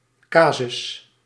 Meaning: 1. a legal case 2. a case, occurrence, instance, especially used for a case study, reference or teaching example 3. a case, (instance of) grammatical case 4. a coincidence
- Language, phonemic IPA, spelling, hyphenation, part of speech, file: Dutch, /ˈkaː.zʏs/, casus, ca‧sus, noun, Nl-casus.ogg